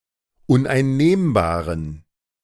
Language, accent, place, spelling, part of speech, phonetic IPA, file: German, Germany, Berlin, uneinnehmbaren, adjective, [ʊnʔaɪ̯nˈneːmbaːʁən], De-uneinnehmbaren.ogg
- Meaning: inflection of uneinnehmbar: 1. strong genitive masculine/neuter singular 2. weak/mixed genitive/dative all-gender singular 3. strong/weak/mixed accusative masculine singular 4. strong dative plural